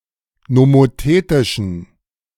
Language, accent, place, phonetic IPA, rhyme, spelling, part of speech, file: German, Germany, Berlin, [nomoˈteːtɪʃn̩], -eːtɪʃn̩, nomothetischen, adjective, De-nomothetischen.ogg
- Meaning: inflection of nomothetisch: 1. strong genitive masculine/neuter singular 2. weak/mixed genitive/dative all-gender singular 3. strong/weak/mixed accusative masculine singular 4. strong dative plural